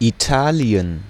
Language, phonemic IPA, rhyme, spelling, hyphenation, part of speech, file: German, /iˈtaːli̯ən/, -aːli̯ən, Italien, I‧ta‧li‧en, proper noun, De-Italien.ogg
- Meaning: Italy (a country in Southern Europe)